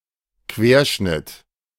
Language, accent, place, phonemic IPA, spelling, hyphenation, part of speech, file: German, Germany, Berlin, /ˈkveːɐ̯ˌʃnɪt/, Querschnitt, Quer‧schnitt, noun, De-Querschnitt.ogg
- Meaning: 1. profile 2. cross section